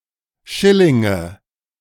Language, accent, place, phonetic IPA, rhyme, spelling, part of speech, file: German, Germany, Berlin, [ˈʃɪlɪŋə], -ɪlɪŋə, Schillinge, noun, De-Schillinge.ogg
- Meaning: nominative/accusative/genitive plural of Schilling